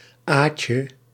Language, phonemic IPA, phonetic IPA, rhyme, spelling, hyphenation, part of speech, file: Dutch, /ˈaːtjə/, [ˈaː.cə], -aːtjə, Aadje, Aad‧je, proper noun, Nl-Aadje.ogg
- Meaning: a diminutive of the male given name Aad